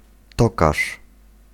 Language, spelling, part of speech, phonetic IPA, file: Polish, tokarz, noun, [ˈtɔkaʃ], Pl-tokarz.ogg